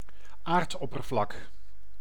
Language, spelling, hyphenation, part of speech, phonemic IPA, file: Dutch, aardoppervlak, aard‧op‧per‧vlak, noun, /ˈaːrtˌɔ.pər.vlɑk/, Nl-aardoppervlak.ogg
- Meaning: Earth's surface